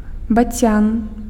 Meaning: stork (ciconiid bird)
- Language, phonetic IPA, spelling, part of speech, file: Belarusian, [baˈt͡sʲan], бацян, noun, Be-бацян.ogg